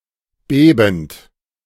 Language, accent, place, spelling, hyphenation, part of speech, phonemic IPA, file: German, Germany, Berlin, bebend, be‧bend, verb, /ˈbeːbn̩t/, De-bebend.ogg
- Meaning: present participle of beben